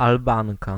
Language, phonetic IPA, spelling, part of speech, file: Polish, [alˈbãŋka], Albanka, noun, Pl-Albanka.ogg